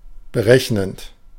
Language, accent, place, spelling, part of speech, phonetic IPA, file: German, Germany, Berlin, berechnend, adjective / verb, [bəˈʁɛçnənt], De-berechnend.ogg
- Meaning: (verb) present participle of berechnen; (adjective) calculating, diplomatic